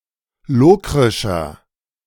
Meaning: inflection of lokrisch: 1. strong/mixed nominative masculine singular 2. strong genitive/dative feminine singular 3. strong genitive plural
- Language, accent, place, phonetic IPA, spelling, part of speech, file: German, Germany, Berlin, [ˈloːkʁɪʃɐ], lokrischer, adjective, De-lokrischer.ogg